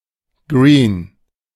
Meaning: green, putting green
- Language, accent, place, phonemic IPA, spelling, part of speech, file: German, Germany, Berlin, /ɡʁiːn/, Green, noun, De-Green.ogg